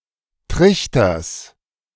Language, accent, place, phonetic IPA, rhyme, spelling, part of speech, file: German, Germany, Berlin, [ˈtʁɪçtɐs], -ɪçtɐs, Trichters, noun, De-Trichters.ogg
- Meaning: genitive singular of Trichter